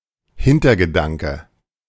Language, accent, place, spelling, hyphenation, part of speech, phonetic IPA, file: German, Germany, Berlin, Hintergedanke, Hin‧ter‧ge‧dan‧ke, noun, [ˈhɪntɐɡəˌdaŋkə], De-Hintergedanke.ogg
- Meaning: 1. ulterior motive 2. hidden agenda